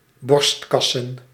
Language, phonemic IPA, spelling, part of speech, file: Dutch, /ˈbɔrs(t)kɑsə(n)/, borstkassen, noun, Nl-borstkassen.ogg
- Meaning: plural of borstkas